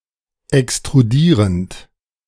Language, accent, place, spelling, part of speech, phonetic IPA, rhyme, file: German, Germany, Berlin, extrudierend, verb, [ɛkstʁuˈdiːʁənt], -iːʁənt, De-extrudierend.ogg
- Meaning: present participle of extrudieren